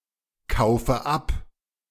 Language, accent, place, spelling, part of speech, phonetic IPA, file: German, Germany, Berlin, kaufe ab, verb, [ˌkaʊ̯fə ˈap], De-kaufe ab.ogg
- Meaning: inflection of abkaufen: 1. first-person singular present 2. first/third-person singular subjunctive I 3. singular imperative